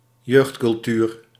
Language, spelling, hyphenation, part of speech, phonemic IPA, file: Dutch, jeugdcultuur, jeugd‧cul‧tuur, noun, /ˈjøːxt.kʏlˌtyːr/, Nl-jeugdcultuur.ogg
- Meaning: youth culture